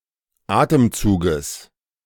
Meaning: genitive singular of Atemzug
- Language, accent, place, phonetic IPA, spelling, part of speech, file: German, Germany, Berlin, [ˈaːtəmˌt͡suːɡəs], Atemzuges, noun, De-Atemzuges.ogg